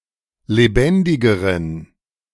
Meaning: inflection of lebendig: 1. strong genitive masculine/neuter singular comparative degree 2. weak/mixed genitive/dative all-gender singular comparative degree
- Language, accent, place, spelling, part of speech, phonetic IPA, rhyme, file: German, Germany, Berlin, lebendigeren, adjective, [leˈbɛndɪɡəʁən], -ɛndɪɡəʁən, De-lebendigeren.ogg